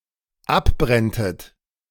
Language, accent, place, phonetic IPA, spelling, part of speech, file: German, Germany, Berlin, [ˈapˌbʁɛntət], abbrenntet, verb, De-abbrenntet.ogg
- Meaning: second-person plural dependent subjunctive II of abbrennen